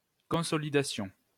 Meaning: 1. consolidation 2. strengthening, reinforcement
- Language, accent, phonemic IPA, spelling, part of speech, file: French, France, /kɔ̃.sɔ.li.da.sjɔ̃/, consolidation, noun, LL-Q150 (fra)-consolidation.wav